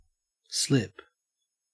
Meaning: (verb) 1. To lose one’s traction on a slippery surface; to slide due to a lack of friction 2. To err 3. To accidentally reveal a secret or otherwise say something unintentionally
- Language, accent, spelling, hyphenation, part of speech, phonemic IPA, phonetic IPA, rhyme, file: English, Australia, slip, slip, verb / noun, /ˈslɪp/, [ˈslɪp], -ɪp, En-au-slip.ogg